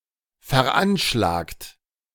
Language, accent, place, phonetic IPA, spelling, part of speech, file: German, Germany, Berlin, [fɛɐ̯ˈʔanʃlaːkt], veranschlagt, verb, De-veranschlagt.ogg
- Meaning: 1. past participle of veranschlagen 2. inflection of veranschlagen: third-person singular present 3. inflection of veranschlagen: second-person plural present